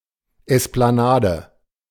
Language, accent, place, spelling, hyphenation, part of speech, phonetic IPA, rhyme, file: German, Germany, Berlin, Esplanade, Es‧p‧la‧na‧de, noun, [ˌɛsplaˈnaːdə], -aːdə, De-Esplanade.ogg
- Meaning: esplanade